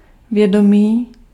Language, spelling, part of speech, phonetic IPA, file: Czech, vědomý, adjective, [ˈvjɛdomiː], Cs-vědomý.ogg
- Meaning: 1. conscious, deliberate 2. conscious, aware of